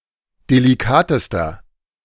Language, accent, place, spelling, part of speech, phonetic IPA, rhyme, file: German, Germany, Berlin, delikatester, adjective, [deliˈkaːtəstɐ], -aːtəstɐ, De-delikatester.ogg
- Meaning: inflection of delikat: 1. strong/mixed nominative masculine singular superlative degree 2. strong genitive/dative feminine singular superlative degree 3. strong genitive plural superlative degree